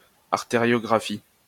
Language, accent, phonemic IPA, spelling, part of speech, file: French, France, /aʁ.te.ʁjɔ.ɡʁa.fi/, artériographie, noun, LL-Q150 (fra)-artériographie.wav
- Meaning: arteriography